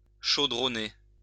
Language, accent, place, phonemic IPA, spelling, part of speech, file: French, France, Lyon, /ʃo.dʁɔ.ne/, chaudronner, verb, LL-Q150 (fra)-chaudronner.wav
- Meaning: to work metal (practice metalworking)